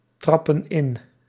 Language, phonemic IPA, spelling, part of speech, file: Dutch, /ˈtrɑpə(n) ˈɪn/, trappen in, verb, Nl-trappen in.ogg
- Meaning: inflection of intrappen: 1. plural present indicative 2. plural present subjunctive